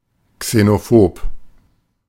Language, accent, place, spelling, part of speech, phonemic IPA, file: German, Germany, Berlin, xenophob, adjective, /ksenoˈfoːp/, De-xenophob.ogg
- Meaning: xenophobic